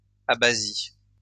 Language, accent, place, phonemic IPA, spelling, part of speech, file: French, France, Lyon, /a.ba.zi/, abasies, noun, LL-Q150 (fra)-abasies.wav
- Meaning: plural of abasie